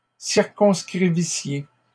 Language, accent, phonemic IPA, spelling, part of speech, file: French, Canada, /siʁ.kɔ̃s.kʁi.vi.sje/, circonscrivissiez, verb, LL-Q150 (fra)-circonscrivissiez.wav
- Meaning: second-person plural imperfect subjunctive of circonscrire